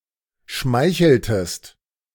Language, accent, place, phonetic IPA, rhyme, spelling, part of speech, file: German, Germany, Berlin, [ˈʃmaɪ̯çl̩təst], -aɪ̯çl̩təst, schmeicheltest, verb, De-schmeicheltest.ogg
- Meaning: inflection of schmeicheln: 1. second-person singular preterite 2. second-person singular subjunctive II